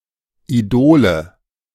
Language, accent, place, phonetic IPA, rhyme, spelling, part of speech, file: German, Germany, Berlin, [iˈdoːlə], -oːlə, Idole, noun, De-Idole.ogg
- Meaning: nominative/accusative/genitive plural of Idol